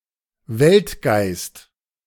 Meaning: world spirit; world soul
- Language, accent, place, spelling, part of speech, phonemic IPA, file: German, Germany, Berlin, Weltgeist, noun, /ˈvɛltˌɡaɪ̯st/, De-Weltgeist.ogg